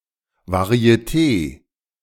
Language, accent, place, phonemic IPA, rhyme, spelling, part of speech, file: German, Germany, Berlin, /vaʁi̯eˈteː/, -eː, Varieté, noun, De-Varieté.ogg
- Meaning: variety show, variety theater